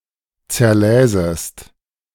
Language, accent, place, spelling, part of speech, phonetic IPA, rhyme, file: German, Germany, Berlin, zerläsest, verb, [t͡sɛɐ̯ˈlɛːzəst], -ɛːzəst, De-zerläsest.ogg
- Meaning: second-person singular subjunctive II of zerlesen